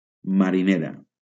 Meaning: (adjective) feminine singular of mariner; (noun) female equivalent of mariner
- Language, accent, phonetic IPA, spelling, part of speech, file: Catalan, Valencia, [ma.ɾiˈne.ɾa], marinera, adjective / noun, LL-Q7026 (cat)-marinera.wav